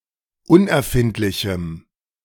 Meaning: strong dative masculine/neuter singular of unerfindlich
- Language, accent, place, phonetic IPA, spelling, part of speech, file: German, Germany, Berlin, [ˈʊnʔɛɐ̯ˌfɪntlɪçm̩], unerfindlichem, adjective, De-unerfindlichem.ogg